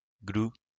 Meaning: glug
- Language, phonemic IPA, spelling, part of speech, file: French, /ɡlu/, glou, interjection, LL-Q150 (fra)-glou.wav